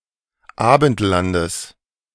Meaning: genitive singular of Abendland
- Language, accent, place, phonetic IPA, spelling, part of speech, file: German, Germany, Berlin, [ˈaːbn̩tˌlandəs], Abendlandes, noun, De-Abendlandes.ogg